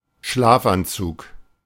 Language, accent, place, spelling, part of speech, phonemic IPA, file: German, Germany, Berlin, Schlafanzug, noun, /ˈʃlaː.vanˌtsʊx/, De-Schlafanzug.ogg
- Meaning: pyjamas (clothes for wearing to bed and sleeping in)